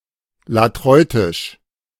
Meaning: latria; latreutic
- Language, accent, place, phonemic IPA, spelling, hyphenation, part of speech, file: German, Germany, Berlin, /laˈtʁɔʏ̯tɪʃ/, latreutisch, la‧treu‧tisch, adjective, De-latreutisch.ogg